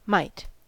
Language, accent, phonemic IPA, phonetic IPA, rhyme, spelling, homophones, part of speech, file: English, US, /maɪt/, [mɐɪt], -aɪt, might, mite, noun / adjective / verb, En-us-might.ogg
- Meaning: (noun) 1. Power, strength, force, or influence held by a person or group 2. Physical strength or force 3. The ability to do something; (adjective) 1. Mighty; powerful 2. Possible